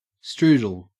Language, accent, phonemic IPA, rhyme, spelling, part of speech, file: English, Australia, /ˈstɹuːdəl/, -uːdəl, strudel, noun, En-au-strudel.ogg
- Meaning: 1. A pastry made from multiple thin layers of dough rolled up and filled with fruit, etc 2. Synonym of at sign (@)